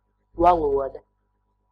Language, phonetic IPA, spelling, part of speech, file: Latvian, [valuôda], valoda, noun, Lv-valoda.ogg
- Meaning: language